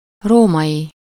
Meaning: Roman (of or from Rome)
- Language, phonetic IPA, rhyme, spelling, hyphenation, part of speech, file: Hungarian, [ˈroːmɒji], -ji, római, ró‧mai, adjective, Hu-római.ogg